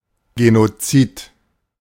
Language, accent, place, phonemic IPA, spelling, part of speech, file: German, Germany, Berlin, /ˌɡenoˈt͡siːt/, Genozid, noun, De-Genozid.ogg
- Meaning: genocide